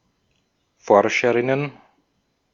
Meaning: plural of Forscherin
- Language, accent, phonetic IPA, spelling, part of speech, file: German, Austria, [ˈfɔʁʃəʁɪnən], Forscherinnen, noun, De-at-Forscherinnen.ogg